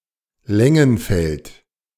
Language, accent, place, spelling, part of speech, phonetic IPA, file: German, Germany, Berlin, Lengenfeld, proper noun, [ˈlɛŋənˌfɛlt], De-Lengenfeld.ogg
- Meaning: 1. a municipality of Lower Austria, Austria 2. a municipality of Saxony, Germany